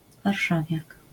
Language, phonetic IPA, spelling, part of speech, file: Polish, [varˈʃavʲjak], warszawiak, noun, LL-Q809 (pol)-warszawiak.wav